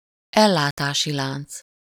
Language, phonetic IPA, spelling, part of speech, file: Hungarian, [ˈɛlːaːtaːʃi ˌlaːnt͡s], ellátási lánc, noun, Hu-ellátási lánc.ogg
- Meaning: supply chain